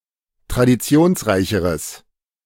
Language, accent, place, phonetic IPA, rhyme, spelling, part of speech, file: German, Germany, Berlin, [tʁadiˈt͡si̯oːnsˌʁaɪ̯çəʁəs], -oːnsʁaɪ̯çəʁəs, traditionsreicheres, adjective, De-traditionsreicheres.ogg
- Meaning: strong/mixed nominative/accusative neuter singular comparative degree of traditionsreich